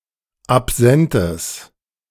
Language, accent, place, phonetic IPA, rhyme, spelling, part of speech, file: German, Germany, Berlin, [apˈzɛntəs], -ɛntəs, absentes, adjective, De-absentes.ogg
- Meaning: strong/mixed nominative/accusative neuter singular of absent